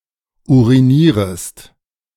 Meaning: second-person singular subjunctive I of urinieren
- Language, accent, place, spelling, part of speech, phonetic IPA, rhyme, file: German, Germany, Berlin, urinierest, verb, [ˌuʁiˈniːʁəst], -iːʁəst, De-urinierest.ogg